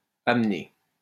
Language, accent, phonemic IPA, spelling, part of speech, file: French, France, /am.ne/, amené, verb, LL-Q150 (fra)-amené.wav
- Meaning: past participle of amener